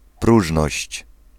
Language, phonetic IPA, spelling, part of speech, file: Polish, [ˈpruʒnɔɕt͡ɕ], próżność, noun, Pl-próżność.ogg